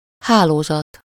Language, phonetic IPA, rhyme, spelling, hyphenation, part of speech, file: Hungarian, [ˈhaːloːzɒt], -ɒt, hálózat, há‧ló‧zat, noun, Hu-hálózat.ogg
- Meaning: network